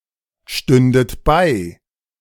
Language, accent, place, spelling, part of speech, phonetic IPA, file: German, Germany, Berlin, stündet bei, verb, [ˌʃtʏndət ˈbaɪ̯], De-stündet bei.ogg
- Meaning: second-person plural subjunctive II of beistehen